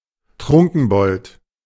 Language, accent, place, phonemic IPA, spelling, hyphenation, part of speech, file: German, Germany, Berlin, /ˈtʁʊŋkn̩ˌbɔlt/, Trunkenbold, Trun‧ken‧bold, noun, De-Trunkenbold.ogg
- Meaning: drunkard